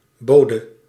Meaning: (noun) 1. messenger, deliverer 2. servant; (verb) singular past subjunctive of bieden
- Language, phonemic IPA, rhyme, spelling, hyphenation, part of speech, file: Dutch, /ˈboːdə/, -oːdə, bode, bo‧de, noun / verb, Nl-bode.ogg